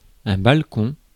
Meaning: balcony
- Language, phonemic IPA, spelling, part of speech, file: French, /bal.kɔ̃/, balcon, noun, Fr-balcon.ogg